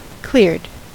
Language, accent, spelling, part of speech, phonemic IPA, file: English, US, cleared, verb, /klɪɹd/, En-us-cleared.ogg
- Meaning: simple past and past participle of clear